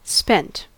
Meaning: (adjective) 1. Consumed, used up, exhausted, depleted 2. Of fish: exhausted as a result of having spawned
- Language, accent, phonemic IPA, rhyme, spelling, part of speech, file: English, US, /spɛnt/, -ɛnt, spent, adjective / verb, En-us-spent.ogg